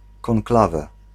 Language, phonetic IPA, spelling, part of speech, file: Polish, [kɔ̃ŋˈklavɛ], konklawe, noun, Pl-konklawe.ogg